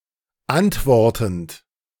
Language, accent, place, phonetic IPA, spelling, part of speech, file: German, Germany, Berlin, [ˈantˌvɔʁtn̩t], antwortend, verb, De-antwortend.ogg
- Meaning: present participle of antworten